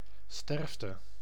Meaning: 1. death, dying 2. mortality 3. mass death
- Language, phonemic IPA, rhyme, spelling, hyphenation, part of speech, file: Dutch, /ˈstɛrf.tə/, -ɛrftə, sterfte, sterf‧te, noun, Nl-sterfte.ogg